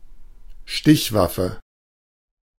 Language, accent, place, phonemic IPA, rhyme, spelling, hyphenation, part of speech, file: German, Germany, Berlin, /ˈʃtɪçˌvafə/, -afə, Stichwaffe, Stich‧waf‧fe, noun, De-Stichwaffe.ogg
- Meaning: stabbing weapon